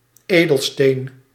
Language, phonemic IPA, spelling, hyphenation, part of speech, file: Dutch, /ˈeː.dəlˌsteːn/, edelsteen, edel‧steen, noun, Nl-edelsteen.ogg
- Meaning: gemstone, precious stone